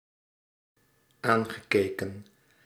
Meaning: past participle of aankijken
- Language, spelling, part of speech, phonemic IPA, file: Dutch, aangekeken, verb, /ˈaŋɣəˌkekə(n)/, Nl-aangekeken.ogg